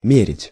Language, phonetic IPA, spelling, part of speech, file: Russian, [ˈmʲerʲɪtʲ], мерить, verb, Ru-мерить.ogg
- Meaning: 1. to measure 2. to try on